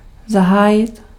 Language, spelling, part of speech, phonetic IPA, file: Czech, zahájit, verb, [ˈzaɦaːjɪt], Cs-zahájit.ogg
- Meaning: 1. to start 2. to begin, to launch (attack)